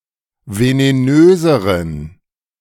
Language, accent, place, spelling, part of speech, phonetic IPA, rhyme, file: German, Germany, Berlin, venenöseren, adjective, [veneˈnøːzəʁən], -øːzəʁən, De-venenöseren.ogg
- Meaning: inflection of venenös: 1. strong genitive masculine/neuter singular comparative degree 2. weak/mixed genitive/dative all-gender singular comparative degree